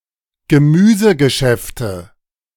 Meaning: nominative/accusative/genitive plural of Gemüsegeschäft
- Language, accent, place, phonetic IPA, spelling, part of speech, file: German, Germany, Berlin, [ɡəˈmyːzəɡəˌʃɛftə], Gemüsegeschäfte, noun, De-Gemüsegeschäfte.ogg